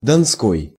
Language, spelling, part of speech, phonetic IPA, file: Russian, донской, adjective, [dɐnˈskoj], Ru-донской.ogg
- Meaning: Don